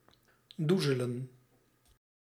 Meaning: 1. to doze 2. to feather, to dry-paint
- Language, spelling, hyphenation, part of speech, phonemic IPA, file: Dutch, doezelen, doe‧ze‧len, verb, /ˈduzələ(n)/, Nl-doezelen.ogg